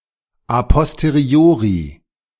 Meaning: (adjective) a posteriori
- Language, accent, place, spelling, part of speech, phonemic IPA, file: German, Germany, Berlin, a posteriori, adjective / adverb, /a pɔsteˈʁi̯oːʁi/, De-a posteriori.ogg